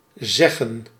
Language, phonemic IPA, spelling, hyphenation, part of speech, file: Dutch, /ˈzɛɣə(n)/, zeggen, zeg‧gen, verb / noun, Nl-zeggen.ogg
- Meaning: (verb) to say, tell; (noun) plural of zegge